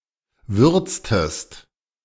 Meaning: inflection of würzen: 1. second-person singular preterite 2. second-person singular subjunctive II
- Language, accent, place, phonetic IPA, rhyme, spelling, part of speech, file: German, Germany, Berlin, [ˈvʏʁt͡stəst], -ʏʁt͡stəst, würztest, verb, De-würztest.ogg